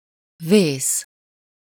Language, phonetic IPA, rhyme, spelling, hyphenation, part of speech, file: Hungarian, [ˈveːs], -eːs, vész, vész, noun / verb, Hu-vész.ogg
- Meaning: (noun) 1. plague, pestilence, pandemic, disease (today only in some compounds, especially referring to domestic animals) 2. disaster, catastrophe 3. emergency (adjectival use)